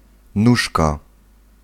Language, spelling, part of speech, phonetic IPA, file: Polish, nóżka, noun, [ˈnuʃka], Pl-nóżka.ogg